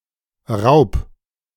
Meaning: 1. singular imperative of rauben 2. first-person singular present of rauben
- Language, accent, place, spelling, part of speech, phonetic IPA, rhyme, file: German, Germany, Berlin, raub, verb, [ʁaʊ̯p], -aʊ̯p, De-raub.ogg